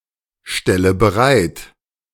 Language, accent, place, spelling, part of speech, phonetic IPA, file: German, Germany, Berlin, stelle bereit, verb, [ˌʃtɛlə bəˈʁaɪ̯t], De-stelle bereit.ogg
- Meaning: inflection of bereitstellen: 1. first-person singular present 2. first/third-person singular subjunctive I 3. singular imperative